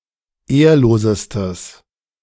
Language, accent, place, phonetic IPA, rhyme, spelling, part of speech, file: German, Germany, Berlin, [ˈeːɐ̯loːzəstəs], -eːɐ̯loːzəstəs, ehrlosestes, adjective, De-ehrlosestes.ogg
- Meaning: strong/mixed nominative/accusative neuter singular superlative degree of ehrlos